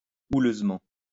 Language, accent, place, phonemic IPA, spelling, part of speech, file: French, France, Lyon, /u.løz.mɑ̃/, houleusement, adverb, LL-Q150 (fra)-houleusement.wav
- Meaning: roughly, stormily